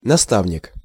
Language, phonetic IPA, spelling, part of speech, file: Russian, [nɐˈstavnʲɪk], наставник, noun, Ru-наставник.ogg
- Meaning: 1. tutor, mentor, preceptor 2. instructor, tutor-guide